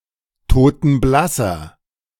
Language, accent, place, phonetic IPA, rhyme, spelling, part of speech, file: German, Germany, Berlin, [toːtn̩ˈblasɐ], -asɐ, totenblasser, adjective, De-totenblasser.ogg
- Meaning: inflection of totenblass: 1. strong/mixed nominative masculine singular 2. strong genitive/dative feminine singular 3. strong genitive plural